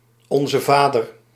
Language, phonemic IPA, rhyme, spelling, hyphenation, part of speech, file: Dutch, /ˌɔn.zəˈvaː.dər/, -aːdər, Onzevader, On‧ze‧va‧der, noun, Nl-Onzevader.ogg
- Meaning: Lord's Prayer